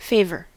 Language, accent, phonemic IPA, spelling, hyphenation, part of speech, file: English, US, /ˈfeɪ.vɚ/, favor, fa‧vor, noun / verb, En-us-favor.ogg
- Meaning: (noun) 1. A kind or helpful deed; an instance of voluntarily assisting (someone) 2. Goodwill; benevolent regard 3. A small gift; a party favor 4. Mildness or mitigation of punishment; lenity